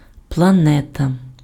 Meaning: planet
- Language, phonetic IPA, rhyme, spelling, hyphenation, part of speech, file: Ukrainian, [pɫɐˈnɛtɐ], -ɛtɐ, планета, пла‧не‧та, noun, Uk-планета.ogg